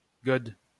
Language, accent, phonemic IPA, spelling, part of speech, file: French, France, /ɡɔd/, gode, noun, LL-Q150 (fra)-gode.wav
- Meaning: dildo